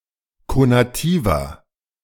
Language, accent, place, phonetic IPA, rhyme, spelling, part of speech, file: German, Germany, Berlin, [konaˈtiːvɐ], -iːvɐ, konativer, adjective, De-konativer.ogg
- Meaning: 1. comparative degree of konativ 2. inflection of konativ: strong/mixed nominative masculine singular 3. inflection of konativ: strong genitive/dative feminine singular